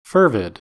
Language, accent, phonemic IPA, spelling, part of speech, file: English, US, /ˈfɝ.vɪd/, fervid, adjective, En-us-fervid.ogg
- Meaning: 1. Intensely hot; radiating with energy 2. lively, spirited, or frenzied due to being ardent, passionate, and zealous